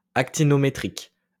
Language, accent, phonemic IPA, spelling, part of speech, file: French, France, /ak.ti.nɔ.me.tʁik/, actinométrique, adjective, LL-Q150 (fra)-actinométrique.wav
- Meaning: actinometric